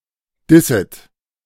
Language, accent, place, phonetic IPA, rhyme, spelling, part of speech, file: German, Germany, Berlin, [ˈdɪsət], -ɪsət, disset, verb, De-disset.ogg
- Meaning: second-person plural subjunctive I of dissen